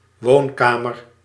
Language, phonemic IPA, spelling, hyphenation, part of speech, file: Dutch, /ˈʋoːnˌkaː.mər/, woonkamer, woon‧ka‧mer, noun, Nl-woonkamer.ogg
- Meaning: living room